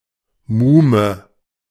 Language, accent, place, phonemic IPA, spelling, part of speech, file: German, Germany, Berlin, /ˈmuːmə/, Muhme, noun, De-Muhme.ogg
- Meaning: aunt (usually the mother's sister)